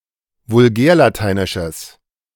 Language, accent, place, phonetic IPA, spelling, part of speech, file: German, Germany, Berlin, [vʊlˈɡɛːɐ̯laˌtaɪ̯nɪʃəs], vulgärlateinisches, adjective, De-vulgärlateinisches.ogg
- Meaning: strong/mixed nominative/accusative neuter singular of vulgärlateinisch